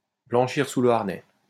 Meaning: to acquire experience
- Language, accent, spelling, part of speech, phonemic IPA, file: French, France, blanchir sous le harnais, verb, /blɑ̃.ʃiʁ su lə aʁ.nɛ/, LL-Q150 (fra)-blanchir sous le harnais.wav